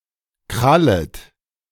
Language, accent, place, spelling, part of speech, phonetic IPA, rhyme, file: German, Germany, Berlin, krallet, verb, [ˈkʁalət], -alət, De-krallet.ogg
- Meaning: second-person plural subjunctive I of krallen